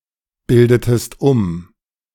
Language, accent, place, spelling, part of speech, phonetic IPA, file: German, Germany, Berlin, bildetest um, verb, [ˌbɪldətəst ˈʊm], De-bildetest um.ogg
- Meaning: inflection of umbilden: 1. second-person singular preterite 2. second-person singular subjunctive II